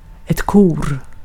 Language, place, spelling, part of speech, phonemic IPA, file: Swedish, Gotland, kor, noun, /kuːr/, Sv-kor.ogg
- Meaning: 1. indefinite plural of ko 2. chancel, choir (space around the altar in a church) 3. a choir (singing group)